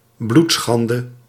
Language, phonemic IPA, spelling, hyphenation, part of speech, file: Dutch, /ˈblutˌsxɑn.də/, bloedschande, bloed‧schan‧de, noun, Nl-bloedschande.ogg
- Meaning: incest (sexual activity with a close relative)